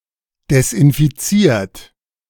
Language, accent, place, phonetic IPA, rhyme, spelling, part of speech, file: German, Germany, Berlin, [dɛsʔɪnfiˈt͡siːɐ̯t], -iːɐ̯t, desinfiziert, verb, De-desinfiziert.ogg
- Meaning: 1. past participle of desinfizieren 2. inflection of desinfizieren: third-person singular present 3. inflection of desinfizieren: second-person plural present